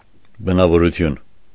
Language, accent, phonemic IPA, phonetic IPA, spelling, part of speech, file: Armenian, Eastern Armenian, /bənɑvoɾuˈtʰjun/, [bənɑvoɾut͡sʰjún], բնավորություն, noun, Hy-բնավորություն.ogg
- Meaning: nature, temper, character